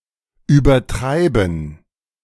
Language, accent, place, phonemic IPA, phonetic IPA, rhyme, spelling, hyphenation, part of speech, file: German, Germany, Berlin, /ˌyːbəʁˈtʁaɪ̯bən/, [ˌʔyːbɐˈtʁaɪ̯bm̩], -aɪ̯bən, übertreiben, ü‧ber‧trei‧ben, verb, De-übertreiben.ogg
- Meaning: 1. to exaggerate 2. to overdo, to go overboard